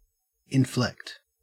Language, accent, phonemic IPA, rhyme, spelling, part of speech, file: English, Australia, /ɪnˈflɛkt/, -ɛkt, inflect, verb, En-au-inflect.ogg
- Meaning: 1. To cause to curve inwards 2. To change the tone or pitch of the voice when speaking or singing 3. To vary the form of a word to express tense, gender, number, mood, etc